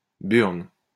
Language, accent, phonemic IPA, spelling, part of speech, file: French, France, /byʁn/, burne, noun, LL-Q150 (fra)-burne.wav
- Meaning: ball, testicle